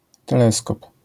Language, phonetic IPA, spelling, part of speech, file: Polish, [tɛˈlɛskɔp], teleskop, noun, LL-Q809 (pol)-teleskop.wav